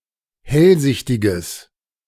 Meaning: strong/mixed nominative/accusative neuter singular of hellsichtig
- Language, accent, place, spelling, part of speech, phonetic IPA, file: German, Germany, Berlin, hellsichtiges, adjective, [ˈhɛlˌzɪçtɪɡəs], De-hellsichtiges.ogg